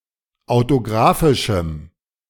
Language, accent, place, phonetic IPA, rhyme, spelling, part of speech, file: German, Germany, Berlin, [aʊ̯toˈɡʁaːfɪʃm̩], -aːfɪʃm̩, autografischem, adjective, De-autografischem.ogg
- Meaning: strong dative masculine/neuter singular of autografisch